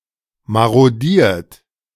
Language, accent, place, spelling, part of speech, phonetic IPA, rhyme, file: German, Germany, Berlin, marodiert, verb, [ˌmaʁoˈdiːɐ̯t], -iːɐ̯t, De-marodiert.ogg
- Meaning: 1. past participle of marodieren 2. inflection of marodieren: third-person singular present 3. inflection of marodieren: second-person plural present 4. inflection of marodieren: plural imperative